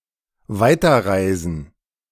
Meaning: to continue travelling
- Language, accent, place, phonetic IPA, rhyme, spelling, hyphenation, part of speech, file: German, Germany, Berlin, [ˈvaɪ̯tɐˌʁaɪ̯zn̩], -aɪ̯zn̩, weiterreisen, wei‧ter‧rei‧sen, verb, De-weiterreisen.ogg